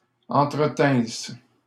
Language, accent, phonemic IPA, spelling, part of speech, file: French, Canada, /ɑ̃.tʁə.tɛ̃s/, entretinsses, verb, LL-Q150 (fra)-entretinsses.wav
- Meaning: second-person singular imperfect subjunctive of entretenir